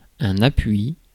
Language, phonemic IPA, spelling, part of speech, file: French, /a.pɥi/, appui, noun, Fr-appui.ogg
- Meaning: support